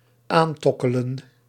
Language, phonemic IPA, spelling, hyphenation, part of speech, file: Dutch, /ˈaːnˌtɔ.kə.lə(n)/, aantokkelen, aan‧tok‧ke‧len, verb, Nl-aantokkelen.ogg
- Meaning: 1. to hit (a snare), to pluck, to strum 2. to lure closer, to draw closer